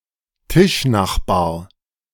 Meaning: a person at a neighboring table
- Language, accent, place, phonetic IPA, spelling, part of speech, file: German, Germany, Berlin, [ˈtɪʃˌnaxbaːɐ̯], Tischnachbar, noun, De-Tischnachbar.ogg